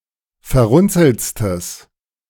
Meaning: strong/mixed nominative/accusative neuter singular superlative degree of verrunzelt
- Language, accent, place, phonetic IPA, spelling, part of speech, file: German, Germany, Berlin, [fɛɐ̯ˈʁʊnt͡sl̩t͡stəs], verrunzeltstes, adjective, De-verrunzeltstes.ogg